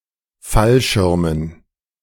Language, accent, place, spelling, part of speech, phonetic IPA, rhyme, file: German, Germany, Berlin, Fallschirmen, noun, [ˈfalˌʃɪʁmən], -alʃɪʁmən, De-Fallschirmen.ogg
- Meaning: dative plural of Fallschirm